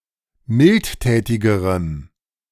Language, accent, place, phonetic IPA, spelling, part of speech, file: German, Germany, Berlin, [ˈmɪltˌtɛːtɪɡəʁəm], mildtätigerem, adjective, De-mildtätigerem.ogg
- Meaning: strong dative masculine/neuter singular comparative degree of mildtätig